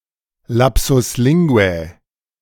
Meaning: A lapsus linguae; an inadvertent remark, a slip of the tongue
- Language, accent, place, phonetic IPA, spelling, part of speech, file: German, Germany, Berlin, [ˌlapsʊs ˈlɪŋɡu̯ɛ], lapsus linguae, phrase, De-lapsus linguae.ogg